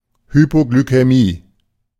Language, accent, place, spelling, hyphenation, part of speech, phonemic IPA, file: German, Germany, Berlin, Hypoglykämie, Hy‧po‧gly‧k‧ä‧mie, noun, /hypoɡlykɛˈmiː/, De-Hypoglykämie.ogg
- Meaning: hypoglycemia